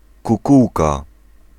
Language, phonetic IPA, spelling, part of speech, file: Polish, [kuˈkuwka], kukułka, noun, Pl-kukułka.ogg